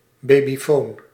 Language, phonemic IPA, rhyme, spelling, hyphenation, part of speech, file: Dutch, /ˌbeː.biˈfoːn/, -oːn, babyfoon, ba‧by‧foon, noun, Nl-babyfoon.ogg
- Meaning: baby monitor, audio system for monitoring babies